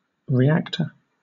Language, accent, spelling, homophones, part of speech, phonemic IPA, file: English, Southern England, reactor, reacter, noun, /ɹiːˈæktə/, LL-Q1860 (eng)-reactor.wav
- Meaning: 1. A person who responds to a suggestion, stimulation or other influence 2. A structure used to contain chemical or other reactions 3. A device which uses atomic energy to produce heat